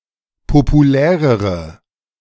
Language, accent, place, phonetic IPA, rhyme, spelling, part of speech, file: German, Germany, Berlin, [popuˈlɛːʁəʁə], -ɛːʁəʁə, populärere, adjective, De-populärere.ogg
- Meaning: inflection of populär: 1. strong/mixed nominative/accusative feminine singular comparative degree 2. strong nominative/accusative plural comparative degree